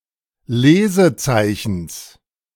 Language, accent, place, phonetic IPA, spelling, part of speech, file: German, Germany, Berlin, [ˈleːzəˌt͡saɪ̯çn̩s], Lesezeichens, noun, De-Lesezeichens.ogg
- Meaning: genitive singular of Lesezeichen